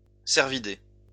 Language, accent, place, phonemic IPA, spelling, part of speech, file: French, France, Lyon, /sɛʁ.vi.de/, cervidé, noun, LL-Q150 (fra)-cervidé.wav
- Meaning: cervid, deer